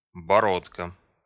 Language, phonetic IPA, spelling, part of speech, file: Russian, [bɐˈrotkə], бородка, noun, Ru-боро́дка.ogg
- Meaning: 1. protrusion at the end of a key 2. endearing diminutive of борода́ (borodá): a (small) beard